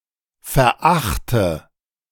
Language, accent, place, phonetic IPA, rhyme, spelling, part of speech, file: German, Germany, Berlin, [fɛɐ̯ˈʔaxtə], -axtə, verachte, verb, De-verachte.ogg
- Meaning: inflection of verachten: 1. first-person singular present 2. first/third-person singular subjunctive I 3. singular imperative